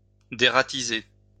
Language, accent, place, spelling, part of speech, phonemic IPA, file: French, France, Lyon, dératiser, verb, /de.ʁa.ti.ze/, LL-Q150 (fra)-dératiser.wav
- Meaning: derat; rid of rats